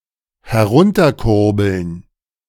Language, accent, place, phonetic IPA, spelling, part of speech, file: German, Germany, Berlin, [hɛˈʁʊntɐˌkʊʁbl̩n], herunterkurbeln, verb, De-herunterkurbeln.ogg
- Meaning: to crank down